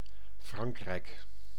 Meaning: 1. France (a country located primarily in Western Europe) 2. a hamlet in Ooststellingwerf, Friesland, Netherlands 3. a neighborhood of Harderwijk, Gelderland, Netherlands
- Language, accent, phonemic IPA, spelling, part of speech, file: Dutch, Netherlands, /ˈfrɑŋk.rɛi̯k/, Frankrijk, proper noun, Nl-Frankrijk.ogg